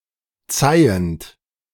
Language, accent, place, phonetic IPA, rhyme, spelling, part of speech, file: German, Germany, Berlin, [ˈt͡saɪ̯ənt], -aɪ̯ənt, zeihend, verb, De-zeihend.ogg
- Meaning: present participle of zeihen